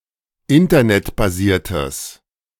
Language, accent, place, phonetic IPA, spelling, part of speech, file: German, Germany, Berlin, [ˈɪntɐnɛtbaˌziːɐ̯təs], internetbasiertes, adjective, De-internetbasiertes.ogg
- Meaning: strong/mixed nominative/accusative neuter singular of internetbasiert